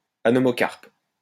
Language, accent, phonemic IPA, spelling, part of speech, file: French, France, /a.nɔ.mɔ.kaʁp/, anomocarpe, adjective, LL-Q150 (fra)-anomocarpe.wav
- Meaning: anomocarpous